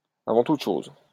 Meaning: first of all, first
- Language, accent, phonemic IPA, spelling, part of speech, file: French, France, /a.vɑ̃ tut ʃoz/, avant toutes choses, adverb, LL-Q150 (fra)-avant toutes choses.wav